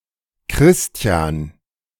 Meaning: a male given name, feminine equivalent Christiane, Christina, and Christine
- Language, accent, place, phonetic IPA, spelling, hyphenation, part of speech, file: German, Germany, Berlin, [ˈkʀɪsti̯an], Christian, Chris‧ti‧an, proper noun, De-Christian.ogg